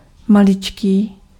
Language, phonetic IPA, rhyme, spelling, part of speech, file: Czech, [ˈmalɪt͡ʃkiː], -ɪtʃkiː, maličký, adjective, Cs-maličký.ogg
- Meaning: tiny (very small)